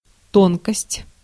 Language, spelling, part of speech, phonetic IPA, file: Russian, тонкость, noun, [ˈtonkəsʲtʲ], Ru-тонкость.ogg
- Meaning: 1. thinness, fineness 2. slenderness, slimness 3. delicacy, finesse 4. subtlety, finesse, fineness 5. fine point, nicety, subtlety